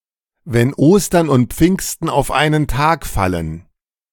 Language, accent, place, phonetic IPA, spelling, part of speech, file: German, Germany, Berlin, [vɛn ˈoːstɐn ʊnt ˈp͡fɪŋstn̩ aʊ̯f ˈaɪ̯nən taːk ˈfalən], wenn Ostern und Pfingsten auf einen Tag fallen, phrase, De-wenn Ostern und Pfingsten auf einen Tag fallen.ogg
- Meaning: when pigs fly (never, expressed idiomatically)